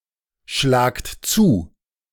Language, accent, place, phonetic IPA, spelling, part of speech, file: German, Germany, Berlin, [ˌʃlaːkt ˈt͡suː], schlagt zu, verb, De-schlagt zu.ogg
- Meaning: inflection of zuschlagen: 1. second-person plural present 2. plural imperative